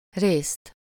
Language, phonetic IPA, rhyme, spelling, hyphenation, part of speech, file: Hungarian, [ˈreːst], -eːst, részt, részt, noun, Hu-részt.ogg
- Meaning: 1. accusative singular of rész 2. in (some) respect, to (some) extent, for (some) part (often synonymously with részben or részről)